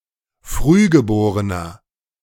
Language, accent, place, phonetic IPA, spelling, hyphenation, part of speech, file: German, Germany, Berlin, [ˈfʁyːɡəˌboːʁənɐ], Frühgeborener, Früh‧ge‧bo‧re‧ner, noun, De-Frühgeborener.ogg
- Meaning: 1. premature baby (male or of unspecified gender) 2. inflection of Frühgeborene: strong genitive/dative singular 3. inflection of Frühgeborene: strong genitive plural